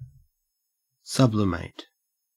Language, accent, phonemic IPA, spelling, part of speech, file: English, Australia, /ˈsʌblɪmeɪt/, sublimate, verb / noun, En-au-sublimate.ogg